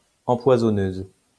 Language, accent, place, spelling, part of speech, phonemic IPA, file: French, France, Lyon, empoisonneuse, noun, /ɑ̃.pwa.zɔ.nøz/, LL-Q150 (fra)-empoisonneuse.wav
- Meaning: female equivalent of empoisonneur